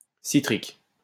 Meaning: citric
- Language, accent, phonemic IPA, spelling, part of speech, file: French, France, /si.tʁik/, citrique, adjective, LL-Q150 (fra)-citrique.wav